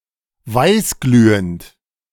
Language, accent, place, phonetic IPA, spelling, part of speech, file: German, Germany, Berlin, [ˈvaɪ̯sˌɡlyːənt], weißglühend, adjective / verb, De-weißglühend.ogg
- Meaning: 1. white-hot 2. glowing white 3. incandescent